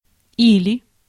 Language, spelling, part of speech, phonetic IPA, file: Russian, или, conjunction, [ˈilʲɪ], Ru-или.ogg
- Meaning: 1. or 2. or else 3. either